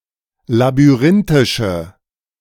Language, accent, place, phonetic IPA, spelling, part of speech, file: German, Germany, Berlin, [labyˈʁɪntɪʃə], labyrinthische, adjective, De-labyrinthische.ogg
- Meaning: inflection of labyrinthisch: 1. strong/mixed nominative/accusative feminine singular 2. strong nominative/accusative plural 3. weak nominative all-gender singular